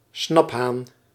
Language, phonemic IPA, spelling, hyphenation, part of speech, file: Dutch, /ˈsnɑp.ɦaːn/, snaphaan, snap‧haan, noun, Nl-snaphaan.ogg
- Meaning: 1. silver coin from Guelders 2. early type of flintlock 3. any type of flintlock 4. gun, rifle 5. robber or pillager on horseback